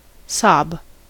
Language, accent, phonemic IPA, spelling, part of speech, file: English, US, /sɑb/, sob, noun / verb, En-us-sob.ogg
- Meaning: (noun) 1. A cry with a short, sudden expulsion of breath 2. The sound of sob; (verb) 1. To weep with convulsive gasps 2. To say (something) while sobbing 3. To soak